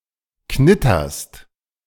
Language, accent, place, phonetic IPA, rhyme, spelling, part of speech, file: German, Germany, Berlin, [ˈknɪtɐst], -ɪtɐst, knitterst, verb, De-knitterst.ogg
- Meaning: second-person singular present of knittern